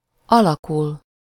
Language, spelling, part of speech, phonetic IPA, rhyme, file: Hungarian, alakul, verb, [ˈɒlɒkul], -ul, Hu-alakul.ogg
- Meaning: 1. to take shape, become, turn out 2. synonym of átalakul (“to change, turn into, transform, metamorphose into something”, used with -vá/-vé)